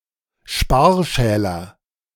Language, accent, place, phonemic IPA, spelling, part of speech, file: German, Germany, Berlin, /ˈʃpaːɐ̯ˌʃɛːlɐ/, Sparschäler, noun, De-Sparschäler.ogg
- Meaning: potato peeler